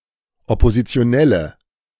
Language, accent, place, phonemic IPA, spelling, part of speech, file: German, Germany, Berlin, /ɔpozit͡si̯oˈnɛlə/, Oppositionelle, noun, De-Oppositionelle.ogg
- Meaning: 1. female equivalent of Oppositioneller: female member of the opposition 2. inflection of Oppositioneller: strong nominative/accusative plural